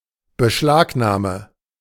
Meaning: verbal noun of in Beschlag nehmen, seizure
- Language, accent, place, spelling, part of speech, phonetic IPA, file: German, Germany, Berlin, Beschlagnahme, noun, [bəˈʃlaːkˌnaːmə], De-Beschlagnahme.ogg